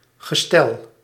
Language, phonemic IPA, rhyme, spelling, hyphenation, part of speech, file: Dutch, /ɣəˈstɛl/, -ɛl, gestel, ge‧stel, noun, Nl-gestel.ogg
- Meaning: 1. a system, a framework 2. physical condition of the body, constitution